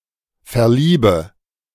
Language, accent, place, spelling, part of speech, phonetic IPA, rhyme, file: German, Germany, Berlin, verliebe, verb, [fɛɐ̯ˈliːbə], -iːbə, De-verliebe.ogg
- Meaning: inflection of verlieben: 1. first-person singular present 2. first/third-person singular subjunctive I 3. singular imperative